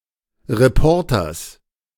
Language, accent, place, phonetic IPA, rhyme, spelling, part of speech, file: German, Germany, Berlin, [ʁeˈpɔʁtɐs], -ɔʁtɐs, Reporters, noun, De-Reporters.ogg
- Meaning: genitive singular of Reporter